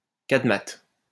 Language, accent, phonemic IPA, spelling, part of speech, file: French, France, /kad.mat/, cadmate, noun, LL-Q150 (fra)-cadmate.wav
- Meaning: cadmate